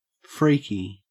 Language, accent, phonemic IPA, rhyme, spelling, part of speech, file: English, Australia, /ˈfɹiː.ki/, -iːki, freaky, adjective, En-au-freaky.ogg
- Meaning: 1. Resembling a freak 2. Odd; bizarre; unusual 3. Scary; frightening 4. Sexually deviant or overly sexual 5. Sexually deviant or overly sexual.: Sexually aroused, horny